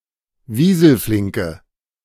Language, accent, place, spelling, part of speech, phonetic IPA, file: German, Germany, Berlin, wieselflinke, adjective, [ˈviːzl̩ˌflɪŋkə], De-wieselflinke.ogg
- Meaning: inflection of wieselflink: 1. strong/mixed nominative/accusative feminine singular 2. strong nominative/accusative plural 3. weak nominative all-gender singular